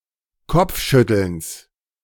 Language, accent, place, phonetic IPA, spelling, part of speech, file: German, Germany, Berlin, [ˈkɔp͡fˌʃʏtl̩ns], Kopfschüttelns, noun, De-Kopfschüttelns.ogg
- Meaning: genitive singular of Kopfschütteln